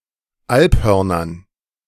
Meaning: dative plural of Alphorn
- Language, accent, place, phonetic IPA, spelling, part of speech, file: German, Germany, Berlin, [ˈalpˌhœʁnɐn], Alphörnern, noun, De-Alphörnern.ogg